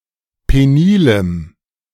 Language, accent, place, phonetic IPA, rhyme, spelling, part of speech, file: German, Germany, Berlin, [ˌpeˈniːləm], -iːləm, penilem, adjective, De-penilem.ogg
- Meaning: strong dative masculine/neuter singular of penil